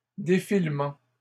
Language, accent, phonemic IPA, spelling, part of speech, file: French, Canada, /de.fil.mɑ̃/, défilements, noun, LL-Q150 (fra)-défilements.wav
- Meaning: plural of défilement